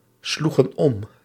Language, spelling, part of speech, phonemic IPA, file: Dutch, sloegen om, verb, /ˈsluɣə(n) ˈɔm/, Nl-sloegen om.ogg
- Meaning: inflection of omslaan: 1. plural past indicative 2. plural past subjunctive